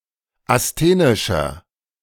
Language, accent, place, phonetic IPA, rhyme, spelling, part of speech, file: German, Germany, Berlin, [asˈteːnɪʃɐ], -eːnɪʃɐ, asthenischer, adjective, De-asthenischer.ogg
- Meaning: inflection of asthenisch: 1. strong/mixed nominative masculine singular 2. strong genitive/dative feminine singular 3. strong genitive plural